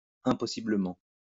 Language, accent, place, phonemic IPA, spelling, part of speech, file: French, France, Lyon, /ɛ̃.pɔ.si.blə.mɑ̃/, impossiblement, adverb, LL-Q150 (fra)-impossiblement.wav
- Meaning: impossibly